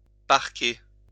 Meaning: 1. to pen, corral 2. to park
- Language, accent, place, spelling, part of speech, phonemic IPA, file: French, France, Lyon, parquer, verb, /paʁ.ke/, LL-Q150 (fra)-parquer.wav